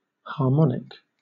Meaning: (adjective) 1. Pertaining to harmony 2. Pleasant to hear; harmonious; melodious
- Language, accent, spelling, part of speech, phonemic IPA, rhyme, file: English, Southern England, harmonic, adjective / noun, /hɑːˈmɒnɪk/, -ɒnɪk, LL-Q1860 (eng)-harmonic.wav